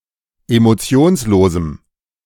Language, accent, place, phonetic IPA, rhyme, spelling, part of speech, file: German, Germany, Berlin, [emoˈt͡si̯oːnsˌloːzm̩], -oːnsloːzm̩, emotionslosem, adjective, De-emotionslosem.ogg
- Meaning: strong dative masculine/neuter singular of emotionslos